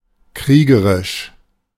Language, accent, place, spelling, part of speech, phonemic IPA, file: German, Germany, Berlin, kriegerisch, adjective, /ˈkʁiːɡəʁɪʃ/, De-kriegerisch.ogg
- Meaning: 1. warlike, martial 2. bellicose, belligerent